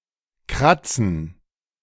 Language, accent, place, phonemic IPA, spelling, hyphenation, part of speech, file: German, Germany, Berlin, /ˈkʁat͡sn̩/, kratzen, krat‧zen, verb, De-kratzen.ogg
- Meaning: to scratch (rub a surface with a sharp, pointy rough object, especially to remove itching): 1. to remove by scratching, to scrape something off 2. to produce a noise by scratching